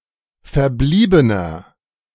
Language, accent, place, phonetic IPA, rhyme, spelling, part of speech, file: German, Germany, Berlin, [fɛɐ̯ˈbliːbənɐ], -iːbənɐ, verbliebener, adjective, De-verbliebener.ogg
- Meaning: inflection of verblieben: 1. strong/mixed nominative masculine singular 2. strong genitive/dative feminine singular 3. strong genitive plural